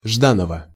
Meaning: genitive singular of Жда́нов (Ždánov)
- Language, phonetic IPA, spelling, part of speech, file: Russian, [ˈʐdanəvə], Жданова, proper noun, Ru-Жданова.ogg